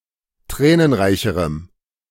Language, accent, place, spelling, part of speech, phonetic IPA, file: German, Germany, Berlin, tränenreicherem, adjective, [ˈtʁɛːnənˌʁaɪ̯çəʁəm], De-tränenreicherem.ogg
- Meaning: strong dative masculine/neuter singular comparative degree of tränenreich